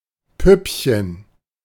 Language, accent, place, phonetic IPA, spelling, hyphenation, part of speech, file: German, Germany, Berlin, [ˈpʏpçən], Püppchen, Püpp‧chen, noun, De-Püppchen.ogg
- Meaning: 1. diminutive of Puppe 2. doll; an attractive, slightly-built woman